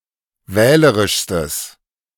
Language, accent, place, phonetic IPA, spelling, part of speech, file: German, Germany, Berlin, [ˈvɛːləʁɪʃstəs], wählerischstes, adjective, De-wählerischstes.ogg
- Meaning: strong/mixed nominative/accusative neuter singular superlative degree of wählerisch